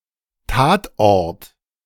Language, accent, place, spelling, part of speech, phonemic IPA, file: German, Germany, Berlin, Tatort, noun / proper noun, /ˈtaːtˌʔɔʁt/, De-Tatort.ogg
- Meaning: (noun) crime scene (location of a crime); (proper noun) A German-language police procedural that has been running continuously since 1970